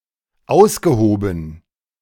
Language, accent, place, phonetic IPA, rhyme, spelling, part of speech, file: German, Germany, Berlin, [ˈaʊ̯sɡəˌhoːbn̩], -aʊ̯sɡəhoːbn̩, ausgehoben, verb, De-ausgehoben.ogg
- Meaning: past participle of ausheben